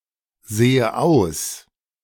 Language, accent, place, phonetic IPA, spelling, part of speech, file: German, Germany, Berlin, [ˌz̥eːə ˈaʊ̯s], sehe aus, verb, De-sehe aus.ogg
- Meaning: inflection of aussehen: 1. first-person singular present 2. first/third-person singular subjunctive I